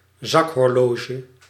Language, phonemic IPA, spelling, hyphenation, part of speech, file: Dutch, /ˈzɑk.ɦɔrˌloː.ʒə/, zakhorloge, zak‧hor‧lo‧ge, noun, Nl-zakhorloge.ogg
- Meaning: pocket watch